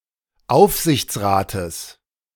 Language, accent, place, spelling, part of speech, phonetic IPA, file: German, Germany, Berlin, Aufsichtsrates, noun, [ˈaʊ̯fzɪçt͡sˌʁaːtəs], De-Aufsichtsrates.ogg
- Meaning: genitive singular of Aufsichtsrat